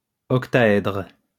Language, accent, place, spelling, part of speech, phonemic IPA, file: French, France, Lyon, octaèdre, noun, /ɔk.ta.ɛdʁ/, LL-Q150 (fra)-octaèdre.wav
- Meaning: octahedron